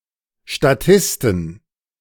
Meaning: 1. plural of Statist 2. genitive singular of Statist 3. dative singular of Statist 4. accusative singular of Statist
- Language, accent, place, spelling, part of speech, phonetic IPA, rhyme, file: German, Germany, Berlin, Statisten, noun, [ʃtaˈtɪstn̩], -ɪstn̩, De-Statisten.ogg